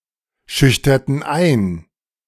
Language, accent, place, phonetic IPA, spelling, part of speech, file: German, Germany, Berlin, [ˌʃʏçtɐtn̩ ˈaɪ̯n], schüchterten ein, verb, De-schüchterten ein.ogg
- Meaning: inflection of einschüchtern: 1. first/third-person plural preterite 2. first/third-person plural subjunctive II